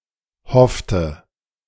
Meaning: inflection of hoffen: 1. first/third-person singular preterite 2. first/third-person singular subjunctive II
- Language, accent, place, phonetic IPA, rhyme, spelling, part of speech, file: German, Germany, Berlin, [ˈhɔftə], -ɔftə, hoffte, verb, De-hoffte.ogg